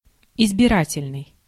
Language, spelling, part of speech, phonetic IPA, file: Russian, избирательный, adjective, [ɪzbʲɪˈratʲɪlʲnɨj], Ru-избирательный.ogg
- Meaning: 1. electoral 2. selective